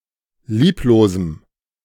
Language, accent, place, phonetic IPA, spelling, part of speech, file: German, Germany, Berlin, [ˈliːploːzm̩], lieblosem, adjective, De-lieblosem.ogg
- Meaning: strong dative masculine/neuter singular of lieblos